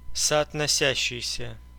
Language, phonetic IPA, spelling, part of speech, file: Russian, [sɐɐtnɐˈsʲæɕːɪjsʲə], соотносящийся, verb / adjective, Ru-соотносящийся.ogg
- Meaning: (verb) present active imperfective participle of соотноси́ться (sootnosítʹsja); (adjective) corresponding, relating, sorting with